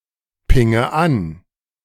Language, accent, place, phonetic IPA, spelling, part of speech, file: German, Germany, Berlin, [ˌpɪŋə ˈan], pinge an, verb, De-pinge an.ogg
- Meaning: inflection of anpingen: 1. first-person singular present 2. first/third-person singular subjunctive I 3. singular imperative